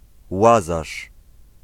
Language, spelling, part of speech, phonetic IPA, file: Polish, Łazarz, proper noun, [ˈwazaʃ], Pl-Łazarz.ogg